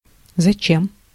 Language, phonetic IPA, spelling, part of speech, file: Russian, [zɐˈt͡ɕem], зачем, adverb, Ru-зачем.ogg
- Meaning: why, what for (for what purpose, to what end, with what goal)